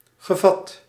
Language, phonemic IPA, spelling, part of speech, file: Dutch, /ɣəˈvɑt/, gevat, adjective / verb, Nl-gevat.ogg
- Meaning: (adjective) witty; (verb) past participle of vatten